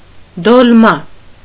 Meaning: alternative form of տոլմա (tolma)
- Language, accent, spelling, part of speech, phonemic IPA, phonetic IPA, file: Armenian, Eastern Armenian, դոլմա, noun, /dolˈmɑ/, [dolmɑ́], Hy-դոլմա.ogg